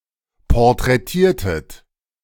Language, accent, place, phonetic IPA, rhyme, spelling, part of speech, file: German, Germany, Berlin, [pɔʁtʁɛˈtiːɐ̯tət], -iːɐ̯tət, porträtiertet, verb, De-porträtiertet.ogg
- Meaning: inflection of porträtieren: 1. second-person plural preterite 2. second-person plural subjunctive II